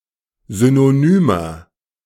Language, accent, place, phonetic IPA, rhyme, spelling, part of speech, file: German, Germany, Berlin, [ˌzynoˈnyːmɐ], -yːmɐ, synonymer, adjective, De-synonymer.ogg
- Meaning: inflection of synonym: 1. strong/mixed nominative masculine singular 2. strong genitive/dative feminine singular 3. strong genitive plural